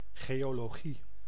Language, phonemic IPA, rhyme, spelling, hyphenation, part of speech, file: Dutch, /ˌɣeː.oː.loːˈɣi/, -i, geologie, geo‧lo‧gie, noun, Nl-geologie.ogg
- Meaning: 1. geology (academic discipline studying the structure of the earth or other planets) 2. geology (geological structure of a region)